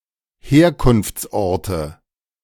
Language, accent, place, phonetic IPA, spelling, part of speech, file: German, Germany, Berlin, [ˈheːɐ̯kʊnft͡sˌʔɔʁtə], Herkunftsorte, noun, De-Herkunftsorte.ogg
- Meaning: nominative/accusative/genitive plural of Herkunftsort